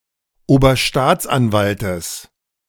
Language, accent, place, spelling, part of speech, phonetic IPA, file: German, Germany, Berlin, Oberstaatsanwaltes, noun, [oːbɐˈʃtaːt͡sʔanˌvaltəs], De-Oberstaatsanwaltes.ogg
- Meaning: genitive singular of Oberstaatsanwalt